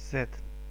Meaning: Set (an ancient Egyptian god)
- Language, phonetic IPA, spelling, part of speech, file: Russian, [sɛt], Сет, proper noun, Ru-Сет.ogg